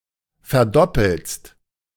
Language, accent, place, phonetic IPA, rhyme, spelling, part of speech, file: German, Germany, Berlin, [fɛɐ̯ˈdɔpl̩st], -ɔpl̩st, verdoppelst, verb, De-verdoppelst.ogg
- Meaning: second-person singular present of verdoppeln